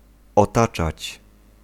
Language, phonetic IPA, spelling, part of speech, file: Polish, [ɔˈtat͡ʃat͡ɕ], otaczać, verb, Pl-otaczać.ogg